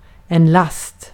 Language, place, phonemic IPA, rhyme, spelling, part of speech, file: Swedish, Gotland, /last/, -ast, last, noun, Sv-last.ogg
- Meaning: 1. cargo 2. load; a burden 3. load; a certain amount that can be processed at one time 4. load; a force on a structure 5. load; any component that draws current or power